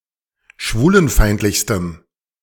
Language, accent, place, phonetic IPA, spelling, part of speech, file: German, Germany, Berlin, [ˈʃvuːlənˌfaɪ̯ntlɪçstəm], schwulenfeindlichstem, adjective, De-schwulenfeindlichstem.ogg
- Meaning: strong dative masculine/neuter singular superlative degree of schwulenfeindlich